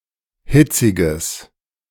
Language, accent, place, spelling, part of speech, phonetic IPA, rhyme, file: German, Germany, Berlin, hitziges, adjective, [ˈhɪt͡sɪɡəs], -ɪt͡sɪɡəs, De-hitziges.ogg
- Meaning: strong/mixed nominative/accusative neuter singular of hitzig